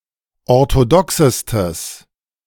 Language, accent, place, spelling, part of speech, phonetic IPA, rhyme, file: German, Germany, Berlin, orthodoxestes, adjective, [ɔʁtoˈdɔksəstəs], -ɔksəstəs, De-orthodoxestes.ogg
- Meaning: strong/mixed nominative/accusative neuter singular superlative degree of orthodox